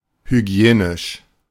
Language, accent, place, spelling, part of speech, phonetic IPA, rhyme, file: German, Germany, Berlin, hygienisch, adjective, [hyˈɡi̯eːnɪʃ], -eːnɪʃ, De-hygienisch.ogg
- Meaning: hygienic